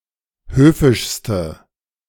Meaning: inflection of höfisch: 1. strong/mixed nominative/accusative feminine singular superlative degree 2. strong nominative/accusative plural superlative degree
- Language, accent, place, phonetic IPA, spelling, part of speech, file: German, Germany, Berlin, [ˈhøːfɪʃstə], höfischste, adjective, De-höfischste.ogg